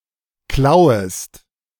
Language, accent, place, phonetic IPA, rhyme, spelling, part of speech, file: German, Germany, Berlin, [ˈklaʊ̯əst], -aʊ̯əst, klauest, verb, De-klauest.ogg
- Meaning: second-person singular subjunctive I of klauen